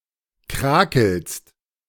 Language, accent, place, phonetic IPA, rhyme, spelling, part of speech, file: German, Germany, Berlin, [ˈkʁaːkl̩st], -aːkl̩st, krakelst, verb, De-krakelst.ogg
- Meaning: second-person singular present of krakeln